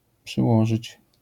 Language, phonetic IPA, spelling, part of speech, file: Polish, [pʃɨˈwɔʒɨt͡ɕ], przyłożyć, verb, LL-Q809 (pol)-przyłożyć.wav